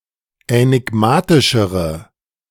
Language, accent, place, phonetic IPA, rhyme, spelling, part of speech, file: German, Germany, Berlin, [ɛnɪˈɡmaːtɪʃəʁə], -aːtɪʃəʁə, änigmatischere, adjective, De-änigmatischere.ogg
- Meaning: inflection of änigmatisch: 1. strong/mixed nominative/accusative feminine singular comparative degree 2. strong nominative/accusative plural comparative degree